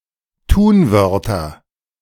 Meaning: nominative/accusative/genitive plural of Tunwort
- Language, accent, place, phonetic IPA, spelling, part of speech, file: German, Germany, Berlin, [ˈtuːnˌvœʁtɐ], Tunwörter, noun, De-Tunwörter.ogg